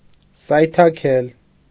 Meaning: 1. to make a misstep, to trip, to slip 2. to make a mistake, to trip up, slip up
- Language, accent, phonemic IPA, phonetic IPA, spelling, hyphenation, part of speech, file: Armenian, Eastern Armenian, /sɑjtʰɑˈkʰel/, [sɑjtʰɑkʰél], սայթաքել, սայ‧թա‧քել, verb, Hy-սայթաքել.ogg